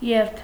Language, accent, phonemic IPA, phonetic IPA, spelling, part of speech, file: Armenian, Eastern Armenian, /jeɾtʰ/, [jeɾtʰ], երթ, noun, Hy-երթ.ogg
- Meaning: 1. moving, walking, driving in some direction 2. procession, train; march